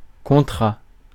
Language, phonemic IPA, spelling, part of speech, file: French, /kɔ̃.tʁa/, contrat, noun, Fr-contrat.ogg
- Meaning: contract